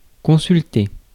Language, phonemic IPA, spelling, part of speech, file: French, /kɔ̃.syl.te/, consulter, verb, Fr-consulter.ogg
- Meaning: 1. to consult 2. to refer to